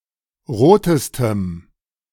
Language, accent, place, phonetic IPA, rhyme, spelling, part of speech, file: German, Germany, Berlin, [ˈʁoːtəstəm], -oːtəstəm, rotestem, adjective, De-rotestem.ogg
- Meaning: strong dative masculine/neuter singular superlative degree of rot